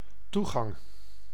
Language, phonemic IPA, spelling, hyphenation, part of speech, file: Dutch, /ˈtu.ɣɑŋ/, toegang, toe‧gang, noun, Nl-toegang.ogg
- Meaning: access, entrance